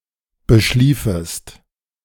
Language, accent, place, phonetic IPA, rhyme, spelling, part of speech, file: German, Germany, Berlin, [bəˈʃliːfəst], -iːfəst, beschliefest, verb, De-beschliefest.ogg
- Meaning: second-person singular subjunctive II of beschlafen